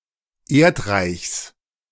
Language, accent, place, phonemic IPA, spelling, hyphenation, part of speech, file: German, Germany, Berlin, /ˈeːɐ̯tˌʁaɪ̯çs/, Erdreichs, Erd‧reichs, noun, De-Erdreichs.ogg
- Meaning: genitive singular of Erdreich